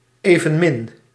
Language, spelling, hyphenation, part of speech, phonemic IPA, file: Dutch, evenmin, even‧min, adverb, /ˌeː.və(n)ˈmɪn/, Nl-evenmin.ogg
- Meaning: neither